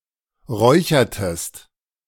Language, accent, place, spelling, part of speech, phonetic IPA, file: German, Germany, Berlin, räuchertest, verb, [ˈʁɔɪ̯çɐtəst], De-räuchertest.ogg
- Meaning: inflection of räuchern: 1. second-person singular preterite 2. second-person singular subjunctive II